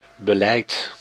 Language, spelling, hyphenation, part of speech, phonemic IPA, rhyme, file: Dutch, beleid, be‧leid, noun, /bəˈlɛi̯t/, -ɛi̯t, Nl-beleid.ogg
- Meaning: 1. policy, strategy, course of action 2. care, circumspection 3. method, manner, approach